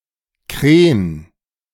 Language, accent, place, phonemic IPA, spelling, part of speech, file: German, Germany, Berlin, /kreːn/, Kren, noun, De-Kren.ogg
- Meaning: 1. horseradish (plant of the mustard family, Armoracia rusticana) 2. condiment made from the root of the plant